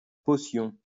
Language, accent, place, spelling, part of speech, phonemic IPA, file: French, France, Lyon, potion, noun, /pɔ.sjɔ̃/, LL-Q150 (fra)-potion.wav
- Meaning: potion